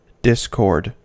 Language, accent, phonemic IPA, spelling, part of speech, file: English, US, /ˈdɪskɔɹd/, discord, noun, En-us-discord.ogg
- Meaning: 1. Lack of concord, agreement, harmony; disaccord 2. Tension or strife resulting from a lack of agreement; dissension 3. Any harsh noise, or confused mingling of sounds